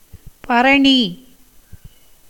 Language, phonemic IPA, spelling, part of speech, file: Tamil, /pɐɾɐɳiː/, பரணி, noun, Ta-பரணி.ogg
- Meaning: 1. The 2nd nakṣatra, part of the constellation Aries 2. a poem about a hero who destroyed 1000 elephants in war 3. the sixth of the 15 divisions of the night 4. oven, fireplace